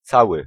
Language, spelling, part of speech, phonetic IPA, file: Polish, cały, adjective, [ˈt͡sawɨ], Pl-cały.ogg